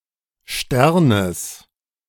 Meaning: genitive singular of Stern
- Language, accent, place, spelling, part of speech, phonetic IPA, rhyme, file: German, Germany, Berlin, Sternes, noun, [ˈʃtɛʁnəs], -ɛʁnəs, De-Sternes.ogg